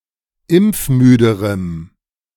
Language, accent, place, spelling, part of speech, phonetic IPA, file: German, Germany, Berlin, impfmüderem, adjective, [ˈɪmp͡fˌmyːdəʁəm], De-impfmüderem.ogg
- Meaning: strong dative masculine/neuter singular comparative degree of impfmüde